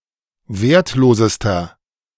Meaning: inflection of wertlos: 1. strong/mixed nominative masculine singular superlative degree 2. strong genitive/dative feminine singular superlative degree 3. strong genitive plural superlative degree
- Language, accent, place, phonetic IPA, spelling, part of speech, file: German, Germany, Berlin, [ˈveːɐ̯tˌloːzəstɐ], wertlosester, adjective, De-wertlosester.ogg